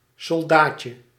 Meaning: 1. diminutive of soldaat 2. toy soldier 3. a term for certain beetles or beetle larvae of the family Cantharidae
- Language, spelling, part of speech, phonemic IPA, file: Dutch, soldaatje, noun, /sɔlˈdacə/, Nl-soldaatje.ogg